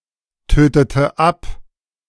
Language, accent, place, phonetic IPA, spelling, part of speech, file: German, Germany, Berlin, [ˌtøːtətə ˈap], tötete ab, verb, De-tötete ab.ogg
- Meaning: inflection of abtöten: 1. first/third-person singular preterite 2. first/third-person singular subjunctive II